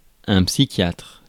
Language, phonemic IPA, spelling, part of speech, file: French, /psi.kjatʁ/, psychiatre, noun, Fr-psychiatre.ogg
- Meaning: psychiatrist